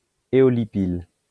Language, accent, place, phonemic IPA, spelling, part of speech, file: French, France, Lyon, /e.ɔ.li.pil/, éolipile, noun, LL-Q150 (fra)-éolipile.wav
- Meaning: aeolipile